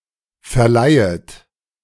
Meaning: second-person plural subjunctive I of verleihen
- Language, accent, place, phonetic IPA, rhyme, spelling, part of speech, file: German, Germany, Berlin, [fɛɐ̯ˈlaɪ̯ət], -aɪ̯ət, verleihet, verb, De-verleihet.ogg